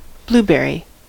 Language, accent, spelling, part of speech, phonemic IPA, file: English, US, blueberry, noun / adjective / verb, /ˈbluˌbɛ.ɹi/, En-us-blueberry.ogg
- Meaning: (noun) 1. An edible round berry, belonging to the cowberry group (Vaccinium sect. Cyanococcus), with flared crowns at the end, that turns blue on ripening 2. The shrub of the above-mentioned berry